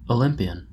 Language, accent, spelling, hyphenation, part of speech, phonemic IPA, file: English, General American, Olympian, Olymp‧i‧an, adjective / noun, /əˈlɪm.pi.ən/, En-us-Olympian.oga
- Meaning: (adjective) Of or relating to Mount Olympus, the highest mountain in Greece; or (Greek mythology) the Greek gods and goddesses who were believed to live there